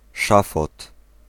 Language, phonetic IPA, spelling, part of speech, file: Polish, [ˈʃafɔt], szafot, noun, Pl-szafot.ogg